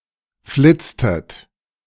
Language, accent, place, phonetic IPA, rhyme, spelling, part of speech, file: German, Germany, Berlin, [ˈflɪt͡stət], -ɪt͡stət, flitztet, verb, De-flitztet.ogg
- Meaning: inflection of flitzen: 1. second-person plural preterite 2. second-person plural subjunctive II